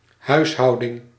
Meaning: 1. housekeeping 2. household
- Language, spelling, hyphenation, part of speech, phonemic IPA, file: Dutch, huishouding, huis‧hou‧ding, noun, /ˈɦœy̯sˌɦɑu̯.də(n)/, Nl-huishouding.ogg